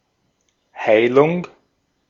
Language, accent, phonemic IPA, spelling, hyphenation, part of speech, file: German, Austria, /ˈhaɪ̯lʊŋ/, Heilung, Hei‧lung, noun, De-at-Heilung.ogg
- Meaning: healing